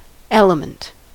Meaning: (noun) One of the simplest or essential parts or principles of which anything consists, or upon which the constitution or fundamental powers of anything are based
- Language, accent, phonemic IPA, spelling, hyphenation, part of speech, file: English, US, /ˈɛləmənt/, element, el‧e‧ment, noun / verb, En-us-element.ogg